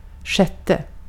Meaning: sixth
- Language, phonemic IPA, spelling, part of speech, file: Swedish, /ˈɧɛˌtɛ/, sjätte, numeral, Sv-sjätte.ogg